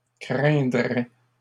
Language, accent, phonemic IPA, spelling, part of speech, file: French, Canada, /kʁɛ̃.dʁɛ/, craindraient, verb, LL-Q150 (fra)-craindraient.wav
- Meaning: third-person plural conditional of craindre